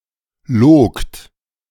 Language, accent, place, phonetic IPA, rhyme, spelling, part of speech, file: German, Germany, Berlin, [loːkt], -oːkt, logt, verb, De-logt.ogg
- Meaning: second-person plural preterite of lügen